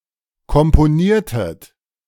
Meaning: inflection of komponieren: 1. second-person plural preterite 2. second-person plural subjunctive II
- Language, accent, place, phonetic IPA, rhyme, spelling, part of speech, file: German, Germany, Berlin, [kɔmpoˈniːɐ̯tət], -iːɐ̯tət, komponiertet, verb, De-komponiertet.ogg